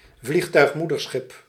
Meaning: seaplane carrier (seaplane tender with facilities for launching and hoisting seaplanes)
- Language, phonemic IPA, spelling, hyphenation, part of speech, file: Dutch, /ˈvlix.tœy̯xˌmu.dər.sxɪp/, vliegtuigmoederschip, vlieg‧tuig‧moe‧der‧schip, noun, Nl-vliegtuigmoederschip.ogg